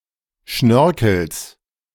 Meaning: genitive singular of Schnörkel
- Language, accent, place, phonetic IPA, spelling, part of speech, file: German, Germany, Berlin, [ˈʃnœʁkl̩s], Schnörkels, noun, De-Schnörkels.ogg